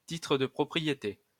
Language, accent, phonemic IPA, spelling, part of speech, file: French, France, /ti.tʁə də pʁɔ.pʁi.je.te/, titre de propriété, noun, LL-Q150 (fra)-titre de propriété.wav
- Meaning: deed of property, paper title, title deed